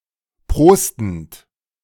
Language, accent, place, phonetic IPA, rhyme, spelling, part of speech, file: German, Germany, Berlin, [ˈpʁoːstn̩t], -oːstn̩t, prostend, verb, De-prostend.ogg
- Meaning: present participle of prosten